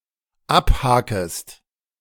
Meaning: second-person singular dependent subjunctive I of abhaken
- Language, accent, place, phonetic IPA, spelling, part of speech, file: German, Germany, Berlin, [ˈapˌhaːkəst], abhakest, verb, De-abhakest.ogg